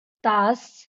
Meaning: hour
- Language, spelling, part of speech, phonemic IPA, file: Marathi, तास, noun, /t̪as/, LL-Q1571 (mar)-तास.wav